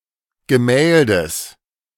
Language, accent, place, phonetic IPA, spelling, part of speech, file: German, Germany, Berlin, [ɡəˈmɛːldəs], Gemäldes, noun, De-Gemäldes.ogg
- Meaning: genitive singular of Gemälde